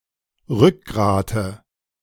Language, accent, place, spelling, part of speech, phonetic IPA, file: German, Germany, Berlin, Rückgrate, noun, [ˈʁʏkˌɡʁaːtə], De-Rückgrate.ogg
- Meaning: nominative/accusative/genitive plural of Rückgrat